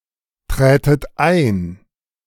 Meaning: second-person plural subjunctive II of eintreten
- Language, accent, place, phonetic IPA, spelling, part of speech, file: German, Germany, Berlin, [ˌtʁɛːtət ˈaɪ̯n], trätet ein, verb, De-trätet ein.ogg